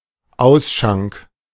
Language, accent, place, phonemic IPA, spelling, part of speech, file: German, Germany, Berlin, /ˈaʊ̯sʃaŋk/, Ausschank, noun, De-Ausschank.ogg
- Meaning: 1. the pouring and/or selling of (alcoholic) beverages 2. counter (of a bar)